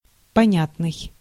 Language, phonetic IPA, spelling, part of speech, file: Russian, [pɐˈnʲatnɨj], понятный, adjective, Ru-понятный.ogg
- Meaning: understandable, intelligible, clear (capable of being understood)